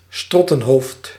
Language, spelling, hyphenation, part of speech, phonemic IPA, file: Dutch, strottenhoofd, strot‧ten‧hoofd, noun, /ˈstrɔ.tə(n)ˌɦoːft/, Nl-strottenhoofd.ogg
- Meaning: larynx